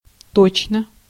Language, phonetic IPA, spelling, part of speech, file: Russian, [ˈtot͡ɕnə], точно, adverb / interjection / conjunction / adjective, Ru-точно.ogg
- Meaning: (adverb) 1. exactly, precisely, accurately 2. definitely; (interjection) exactly!, yes!, bingo!; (conjunction) as though, as if; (adjective) short neuter singular of то́чный (tóčnyj)